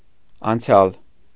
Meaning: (adjective) past, last; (noun) the past
- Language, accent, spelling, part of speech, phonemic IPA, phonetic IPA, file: Armenian, Eastern Armenian, անցյալ, adjective / noun, /ɑnˈt͡sʰjɑl/, [ɑnt͡sʰjɑ́l], Hy-անցյալ.ogg